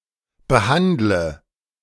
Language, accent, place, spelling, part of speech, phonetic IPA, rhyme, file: German, Germany, Berlin, behandle, verb, [bəˈhandlə], -andlə, De-behandle.ogg
- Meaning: inflection of behandeln: 1. first-person singular present 2. first/third-person singular subjunctive I 3. singular imperative